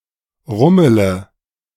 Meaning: inflection of rummeln: 1. first-person singular present 2. first/third-person singular subjunctive I 3. singular imperative
- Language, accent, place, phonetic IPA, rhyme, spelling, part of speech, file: German, Germany, Berlin, [ˈʁʊmələ], -ʊmələ, rummele, verb, De-rummele.ogg